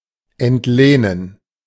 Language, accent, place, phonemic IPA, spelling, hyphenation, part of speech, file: German, Germany, Berlin, /ɛntˈleːnən/, entlehnen, ent‧leh‧nen, verb, De-entlehnen.ogg
- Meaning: 1. to borrow (a word, concept, cultural practice or object) 2. to borrow (in general)